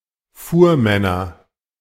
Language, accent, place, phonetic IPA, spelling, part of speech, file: German, Germany, Berlin, [ˈfuːɐ̯ˌmɛnɐ], Fuhrmänner, noun, De-Fuhrmänner.ogg
- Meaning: nominative/accusative/genitive plural of Fuhrmann